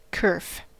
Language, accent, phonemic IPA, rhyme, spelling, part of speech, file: English, US, /kɜː(ɹ)f/, -ɜː(ɹ)f, kerf, noun / verb, En-us-kerf.ogg
- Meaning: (noun) 1. The act of cutting or carving something; a stroke or slice 2. The groove or slit created by cutting or sawing something; an incision